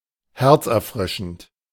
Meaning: heartwarming
- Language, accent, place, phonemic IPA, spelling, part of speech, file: German, Germany, Berlin, /ˈhɛʁt͡sʔɛɐ̯ˌfʁɪʃn̩t/, herzerfrischend, adjective, De-herzerfrischend.ogg